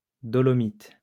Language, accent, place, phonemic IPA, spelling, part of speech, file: French, France, Lyon, /dɔ.lɔ.mit/, dolomite, noun, LL-Q150 (fra)-dolomite.wav
- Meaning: dolomite